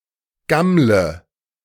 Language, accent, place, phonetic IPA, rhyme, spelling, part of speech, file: German, Germany, Berlin, [ˈɡamlə], -amlə, gammle, verb, De-gammle.ogg
- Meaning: inflection of gammeln: 1. first-person singular present 2. first/third-person singular subjunctive I 3. singular imperative